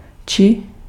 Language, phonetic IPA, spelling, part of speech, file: Czech, [ˈt͡ʃiː], čí, determiner, Cs-čí.ogg
- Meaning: whose